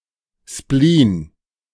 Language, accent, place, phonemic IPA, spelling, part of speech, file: German, Germany, Berlin, /ʃpliːn/, Spleen, noun, De-Spleen.ogg
- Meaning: obsession, idée fixe